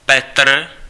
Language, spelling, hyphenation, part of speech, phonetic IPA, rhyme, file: Czech, Petr, Pe‧tr, proper noun, [ˈpɛtr̩], -ɛtr̩, Cs-Petr.ogg
- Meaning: 1. a male given name, equivalent to English Peter 2. Peter (the Apostle)